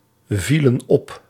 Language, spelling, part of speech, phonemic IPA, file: Dutch, vielen op, verb, /ˈvilə(n) ˈɔp/, Nl-vielen op.ogg
- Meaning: inflection of opvallen: 1. plural past indicative 2. plural past subjunctive